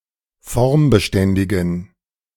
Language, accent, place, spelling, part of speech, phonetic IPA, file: German, Germany, Berlin, formbeständigen, adjective, [ˈfɔʁmbəˌʃtɛndɪɡn̩], De-formbeständigen.ogg
- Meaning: inflection of formbeständig: 1. strong genitive masculine/neuter singular 2. weak/mixed genitive/dative all-gender singular 3. strong/weak/mixed accusative masculine singular 4. strong dative plural